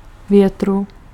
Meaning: genitive/dative/locative singular of vítr
- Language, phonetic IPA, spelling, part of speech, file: Czech, [ˈvjɛtru], větru, noun, Cs-větru.ogg